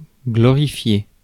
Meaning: laud, glorify
- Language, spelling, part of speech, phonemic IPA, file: French, glorifier, verb, /ɡlɔ.ʁi.fje/, Fr-glorifier.ogg